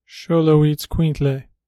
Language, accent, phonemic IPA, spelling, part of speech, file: English, General American, /ʃoʊloʊiːtsˈkwiːntleɪ/, Xoloitzcuintle, noun, En-us-Xoloitzcuintle.flac
- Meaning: Mexican hairless dog